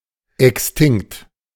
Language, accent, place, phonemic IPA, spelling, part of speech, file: German, Germany, Berlin, /ˌɛksˈtɪŋkt/, extinkt, adjective, De-extinkt.ogg
- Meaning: extinct